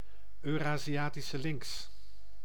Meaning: Eurasian lynx (Lynx lynx)
- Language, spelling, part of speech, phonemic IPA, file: Dutch, Euraziatische lynx, noun, /øː.raː.ziˌaː.ti.sə ˈlɪŋks/, Nl-Euraziatische lynx.ogg